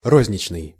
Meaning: retail
- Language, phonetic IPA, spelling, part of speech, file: Russian, [ˈrozʲnʲɪt͡ɕnɨj], розничный, adjective, Ru-розничный.ogg